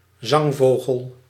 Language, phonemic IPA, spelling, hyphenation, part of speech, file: Dutch, /ˈzɑŋˌvoː.ɣəl/, zangvogel, zang‧vo‧gel, noun, Nl-zangvogel.ogg
- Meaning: 1. songbird 2. passerine (bird of the order Passeriformes)